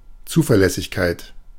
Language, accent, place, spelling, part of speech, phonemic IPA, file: German, Germany, Berlin, Zuverlässigkeit, noun, /ˈt͡suːfɛɐ̯ˌlɛsɪçkaɪ̯t/, De-Zuverlässigkeit.ogg
- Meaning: reliability, steadiness, trustworthiness